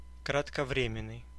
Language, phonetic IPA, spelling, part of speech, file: Russian, [krətkɐˈvrʲemʲɪn(ː)ɨj], кратковременный, adjective, Ru-кратковременный.ogg
- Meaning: brief, short-term, momentary, transitory, short-lived